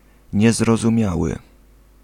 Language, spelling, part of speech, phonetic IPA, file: Polish, niezrozumiały, adjective, [ˌɲɛzrɔzũˈmʲjawɨ], Pl-niezrozumiały.ogg